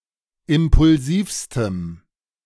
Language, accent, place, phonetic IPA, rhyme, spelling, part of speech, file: German, Germany, Berlin, [ˌɪmpʊlˈziːfstəm], -iːfstəm, impulsivstem, adjective, De-impulsivstem.ogg
- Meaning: strong dative masculine/neuter singular superlative degree of impulsiv